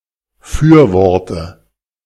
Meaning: dative singular of Fürwort
- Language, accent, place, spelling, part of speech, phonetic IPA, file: German, Germany, Berlin, Fürworte, noun, [ˈfyːɐ̯ˌvɔʁtə], De-Fürworte.ogg